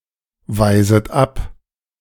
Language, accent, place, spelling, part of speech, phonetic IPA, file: German, Germany, Berlin, weiset ab, verb, [ˌvaɪ̯zət ˈap], De-weiset ab.ogg
- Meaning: second-person plural subjunctive I of abweisen